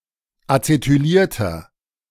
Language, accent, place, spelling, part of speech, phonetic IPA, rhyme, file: German, Germany, Berlin, acetylierter, adjective, [at͡setyˈliːɐ̯tɐ], -iːɐ̯tɐ, De-acetylierter.ogg
- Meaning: inflection of acetyliert: 1. strong/mixed nominative masculine singular 2. strong genitive/dative feminine singular 3. strong genitive plural